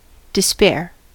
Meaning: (verb) 1. To give up as beyond hope or expectation; to despair of 2. To cause to despair 3. To be hopeless; to have no hope; to give up all hope or expectation
- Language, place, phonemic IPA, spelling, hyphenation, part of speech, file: English, California, /dɪˈspɛɚ/, despair, des‧pair, verb / noun, En-us-despair.ogg